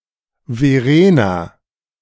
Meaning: a female given name
- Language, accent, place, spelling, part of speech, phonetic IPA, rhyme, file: German, Germany, Berlin, Verena, proper noun, [veˈʁeːna], -eːna, De-Verena.ogg